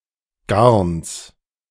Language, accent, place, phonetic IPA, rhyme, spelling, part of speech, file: German, Germany, Berlin, [ɡaʁns], -aʁns, Garns, noun, De-Garns.ogg
- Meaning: genitive singular of Garn